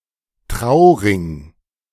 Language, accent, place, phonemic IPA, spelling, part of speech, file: German, Germany, Berlin, /ˈtʁaʊ̯ʁɪŋ/, Trauring, noun, De-Trauring.ogg
- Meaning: wedding band, wedding ring